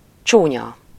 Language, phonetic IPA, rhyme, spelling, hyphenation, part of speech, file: Hungarian, [ˈt͡ʃuːɲɒ], -ɲɒ, csúnya, csú‧nya, adjective, Hu-csúnya.ogg
- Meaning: ugly